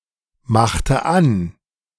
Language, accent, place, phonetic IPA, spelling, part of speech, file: German, Germany, Berlin, [ˌmaxtə ˈan], machte an, verb, De-machte an.ogg
- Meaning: inflection of anmachen: 1. first/third-person singular preterite 2. first/third-person singular subjunctive II